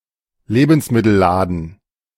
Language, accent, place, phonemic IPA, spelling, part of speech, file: German, Germany, Berlin, /ˈleːbənsˌmɪtəlˌlaːdən/, Lebensmittelladen, noun, De-Lebensmittelladen.ogg
- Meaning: grocery, grocery store